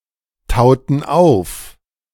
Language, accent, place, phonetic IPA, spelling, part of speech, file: German, Germany, Berlin, [ˌtaʊ̯tn̩ ˈaʊ̯f], tauten auf, verb, De-tauten auf.ogg
- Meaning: inflection of auftauen: 1. first/third-person plural preterite 2. first/third-person plural subjunctive II